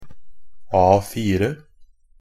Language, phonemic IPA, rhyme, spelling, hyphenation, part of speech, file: Norwegian Bokmål, /ˈɑːfiːrə/, -iːrə, A4, A‧4, noun / adjective, NB - Pronunciation of Norwegian Bokmål «A4».ogg
- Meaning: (noun) 1. a standard paper size, defined by ISO 216 2. indicating that something is standard or unexciting; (adjective) being the typical, what one would expect, without deviating from the norm